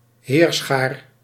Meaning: alternative form of heerschare
- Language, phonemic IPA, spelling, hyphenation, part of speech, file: Dutch, /ˈɦeːr.sxaːr/, heerschaar, heer‧schaar, noun, Nl-heerschaar.ogg